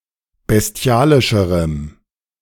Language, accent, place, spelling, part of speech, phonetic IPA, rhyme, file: German, Germany, Berlin, bestialischerem, adjective, [bɛsˈti̯aːlɪʃəʁəm], -aːlɪʃəʁəm, De-bestialischerem.ogg
- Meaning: strong dative masculine/neuter singular comparative degree of bestialisch